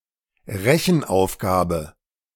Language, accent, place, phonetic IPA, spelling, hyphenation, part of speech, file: German, Germany, Berlin, [ˈʁɛçn̩ˌʔaʊ̯fɡaːbə], Rechenaufgabe, Re‧chen‧auf‧ga‧be, noun, De-Rechenaufgabe.ogg
- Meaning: mathematical exercise, arithmetical problem, math problem